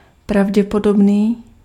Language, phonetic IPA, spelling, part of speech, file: Czech, [ˈpravɟɛpodobniː], pravděpodobný, adjective, Cs-pravděpodobný.ogg
- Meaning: probable